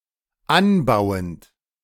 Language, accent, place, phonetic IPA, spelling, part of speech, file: German, Germany, Berlin, [ˈanˌbaʊ̯ənt], anbauend, verb, De-anbauend.ogg
- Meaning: present participle of anbauen